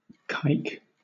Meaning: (noun) 1. A Jew 2. A miser; a contemptible, stingy person, particularly a well-endowed one 3. An Eastern European Jew; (verb) To render something more Jewish
- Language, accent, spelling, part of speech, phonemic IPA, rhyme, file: English, Southern England, kike, noun / verb / adjective, /kaɪk/, -aɪk, LL-Q1860 (eng)-kike.wav